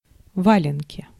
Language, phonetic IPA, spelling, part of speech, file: Russian, [ˈvalʲɪnkʲɪ], валенки, noun, Ru-валенки.ogg
- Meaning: 1. nominative plural of ва́ленок (válenok); valenki 2. accusative plural of ва́ленок (válenok)